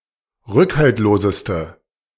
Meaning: inflection of rückhaltlos: 1. strong/mixed nominative/accusative feminine singular superlative degree 2. strong nominative/accusative plural superlative degree
- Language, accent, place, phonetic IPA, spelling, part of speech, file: German, Germany, Berlin, [ˈʁʏkhaltloːzəstə], rückhaltloseste, adjective, De-rückhaltloseste.ogg